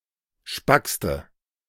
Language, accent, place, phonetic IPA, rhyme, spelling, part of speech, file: German, Germany, Berlin, [ˈʃpakstə], -akstə, spackste, adjective, De-spackste.ogg
- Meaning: inflection of spack: 1. strong/mixed nominative/accusative feminine singular superlative degree 2. strong nominative/accusative plural superlative degree